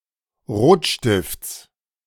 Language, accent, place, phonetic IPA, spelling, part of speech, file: German, Germany, Berlin, [ˈʁoːtˌʃtɪft͡s], Rotstifts, noun, De-Rotstifts.ogg
- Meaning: genitive singular of Rotstift